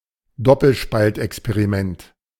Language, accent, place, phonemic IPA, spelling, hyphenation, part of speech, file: German, Germany, Berlin, /ˈdɔpəlʃpaltʔɛkspeʁiˌmɛnt/, Doppelspaltexperiment, Dop‧pel‧spalt‧ex‧pe‧ri‧ment, noun, De-Doppelspaltexperiment.ogg
- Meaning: double-slit experiment